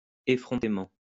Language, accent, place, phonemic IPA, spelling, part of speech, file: French, France, Lyon, /e.fʁɔ̃.te.mɑ̃/, effrontément, adverb, LL-Q150 (fra)-effrontément.wav
- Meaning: insolently, brazenly, shamelessly